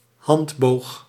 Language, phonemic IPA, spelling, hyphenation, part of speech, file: Dutch, /ˈɦɑnt.boːx/, handboog, hand‧boog, noun, Nl-handboog.ogg
- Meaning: handbow (archery weapon, excluding crossbows)